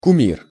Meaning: 1. idol, graven image 2. beloved person
- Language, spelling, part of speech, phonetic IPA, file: Russian, кумир, noun, [kʊˈmʲir], Ru-кумир.ogg